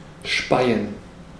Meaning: 1. to spit 2. to vomit
- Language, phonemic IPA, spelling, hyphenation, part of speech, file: German, /ˈʃpaɪ̯ən/, speien, spei‧en, verb, De-speien.ogg